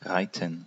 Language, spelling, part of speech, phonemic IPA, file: German, reiten, verb, /ˈʁaɪ̯tən/, De-reiten.ogg
- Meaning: 1. to ride; to do horseriding 2. to ride (someone or something), to ride on the back of